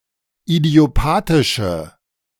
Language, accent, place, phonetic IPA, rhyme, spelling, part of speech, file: German, Germany, Berlin, [idi̯oˈpaːtɪʃə], -aːtɪʃə, idiopathische, adjective, De-idiopathische.ogg
- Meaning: inflection of idiopathisch: 1. strong/mixed nominative/accusative feminine singular 2. strong nominative/accusative plural 3. weak nominative all-gender singular